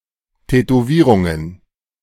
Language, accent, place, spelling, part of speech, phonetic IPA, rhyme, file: German, Germany, Berlin, Tätowierungen, noun, [tɛtoˈviːʁʊŋən], -iːʁʊŋən, De-Tätowierungen.ogg
- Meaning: plural of Tätowierung